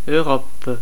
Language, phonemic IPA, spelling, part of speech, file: French, /ø.ʁɔp/, Europe, proper noun, Fr-Europe.ogg
- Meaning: 1. Europe (a continent located west of Asia and north of Africa) 2. Europa (a moon in Jupiter)